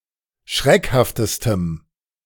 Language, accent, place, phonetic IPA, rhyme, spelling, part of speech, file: German, Germany, Berlin, [ˈʃʁɛkhaftəstəm], -ɛkhaftəstəm, schreckhaftestem, adjective, De-schreckhaftestem.ogg
- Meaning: strong dative masculine/neuter singular superlative degree of schreckhaft